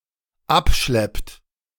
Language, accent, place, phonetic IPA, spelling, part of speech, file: German, Germany, Berlin, [ˈapˌʃlɛpt], abschleppt, verb, De-abschleppt.ogg
- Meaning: inflection of abschleppen: 1. third-person singular dependent present 2. second-person plural dependent present